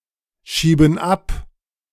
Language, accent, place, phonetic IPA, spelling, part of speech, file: German, Germany, Berlin, [ˌʃiːbn̩ ˈap], schieben ab, verb, De-schieben ab.ogg
- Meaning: inflection of abschieben: 1. first/third-person plural present 2. first/third-person plural subjunctive I